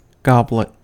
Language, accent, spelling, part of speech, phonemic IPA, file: English, US, goblet, noun, /ˈɡɒblət/, En-us-goblet.ogg
- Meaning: A drinking vessel with a foot and stem